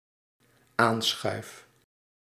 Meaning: first-person singular dependent-clause present indicative of aanschuiven
- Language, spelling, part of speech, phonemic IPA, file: Dutch, aanschuif, verb, /ˈansxœyf/, Nl-aanschuif.ogg